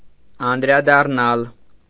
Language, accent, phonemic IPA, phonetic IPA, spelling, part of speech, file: Armenian, Eastern Armenian, /ɑndɾɑdɑrˈnɑl/, [ɑndɾɑdɑrnɑ́l], անդրադառնալ, verb, Hy-անդրադառնալ.ogg
- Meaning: 1. to reflect (to be bent back from a surface); to reverberate; to rebound 2. to revert, return to; to discuss again 3. to turn to, refer to, touch upon, mention, address